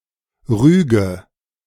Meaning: inflection of rügen: 1. first-person singular present 2. first/third-person singular subjunctive I 3. singular imperative
- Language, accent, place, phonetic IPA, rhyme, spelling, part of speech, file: German, Germany, Berlin, [ˈʁyːɡə], -yːɡə, rüge, verb, De-rüge.ogg